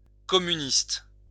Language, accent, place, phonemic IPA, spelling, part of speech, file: French, France, Lyon, /kɔ.my.nist/, communiste, adjective / noun, LL-Q150 (fra)-communiste.wav
- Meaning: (adjective) communist; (noun) a member of the French communist party